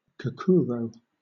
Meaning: A type of number puzzle, similar to a crossword but with numbers. Each "clue" is the sum of the digits to be placed in its group of squares, and no digit can be repeated within a group
- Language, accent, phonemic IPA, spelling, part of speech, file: English, Southern England, /ˌkɑːˈkʊəɹəʊ/, kakuro, noun, LL-Q1860 (eng)-kakuro.wav